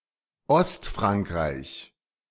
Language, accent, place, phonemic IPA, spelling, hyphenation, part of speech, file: German, Germany, Berlin, /ˈɔstˌfʁaŋkʁaɪ̯ç/, Ostfrankreich, Ost‧frank‧reich, proper noun, De-Ostfrankreich.ogg
- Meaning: eastern France